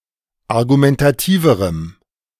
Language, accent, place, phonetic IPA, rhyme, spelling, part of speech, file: German, Germany, Berlin, [aʁɡumɛntaˈtiːvəʁəm], -iːvəʁəm, argumentativerem, adjective, De-argumentativerem.ogg
- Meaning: strong dative masculine/neuter singular comparative degree of argumentativ